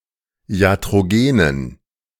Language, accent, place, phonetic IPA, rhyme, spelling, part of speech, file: German, Germany, Berlin, [i̯atʁoˈɡeːnən], -eːnən, iatrogenen, adjective, De-iatrogenen.ogg
- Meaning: inflection of iatrogen: 1. strong genitive masculine/neuter singular 2. weak/mixed genitive/dative all-gender singular 3. strong/weak/mixed accusative masculine singular 4. strong dative plural